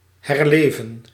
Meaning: 1. to come to life again, revive 2. to reappear 3. to return, rise again 4. to recover strength or vitality 5. to be renewed 6. to relive, experience again
- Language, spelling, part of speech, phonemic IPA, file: Dutch, herleven, verb, /ɦɛrˈleː.və(n)/, Nl-herleven.ogg